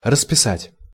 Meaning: 1. to paint 2. to enter (numerical values, dates, or names)
- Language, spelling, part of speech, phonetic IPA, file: Russian, расписать, verb, [rəspʲɪˈsatʲ], Ru-расписать.ogg